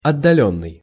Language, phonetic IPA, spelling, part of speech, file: Russian, [ɐdːɐˈlʲɵnːɨj], отдалённый, verb / adjective, Ru-отдалённый.ogg
- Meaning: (verb) past passive perfective participle of отдали́ть (otdalítʹ); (adjective) remote, distant, outlying, far